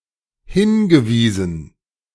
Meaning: past participle of hinweisen
- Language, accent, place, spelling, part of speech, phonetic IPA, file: German, Germany, Berlin, hingewiesen, verb, [ˈhɪnɡəˌviːzn̩], De-hingewiesen.ogg